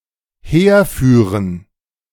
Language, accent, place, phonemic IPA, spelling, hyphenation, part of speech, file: German, Germany, Berlin, /ˈheːɐ̯ˌfyːʁən/, herführen, her‧füh‧ren, verb, De-herführen.ogg
- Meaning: to lead here